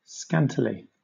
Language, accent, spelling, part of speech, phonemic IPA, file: English, Southern England, scantily, adverb, /ˈskæntɪli/, LL-Q1860 (eng)-scantily.wav
- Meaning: Sparingly; not plentifully; not fully; in a scanty manner